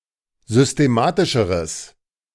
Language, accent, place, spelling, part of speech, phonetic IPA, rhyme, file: German, Germany, Berlin, systematischeres, adjective, [zʏsteˈmaːtɪʃəʁəs], -aːtɪʃəʁəs, De-systematischeres.ogg
- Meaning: strong/mixed nominative/accusative neuter singular comparative degree of systematisch